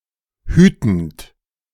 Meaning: present participle of hüten
- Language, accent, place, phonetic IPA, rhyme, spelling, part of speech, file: German, Germany, Berlin, [ˈhyːtn̩t], -yːtn̩t, hütend, verb, De-hütend.ogg